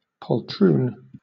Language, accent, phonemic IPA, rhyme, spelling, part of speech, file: English, Southern England, /pɒlˈtɹuːn/, -uːn, poltroon, noun / adjective, LL-Q1860 (eng)-poltroon.wav
- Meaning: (noun) An ignoble or total coward; a dastard; a mean-spirited wretch; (adjective) Cowardly